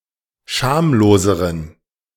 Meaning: inflection of schamlos: 1. strong genitive masculine/neuter singular comparative degree 2. weak/mixed genitive/dative all-gender singular comparative degree
- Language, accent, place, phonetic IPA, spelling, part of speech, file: German, Germany, Berlin, [ˈʃaːmloːzəʁən], schamloseren, adjective, De-schamloseren.ogg